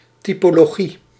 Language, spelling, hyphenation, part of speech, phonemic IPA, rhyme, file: Dutch, typologie, ty‧po‧lo‧gie, noun, /ˌti.poː.loːˈɣi/, -i, Nl-typologie.ogg
- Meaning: typology (discipline or result of classification)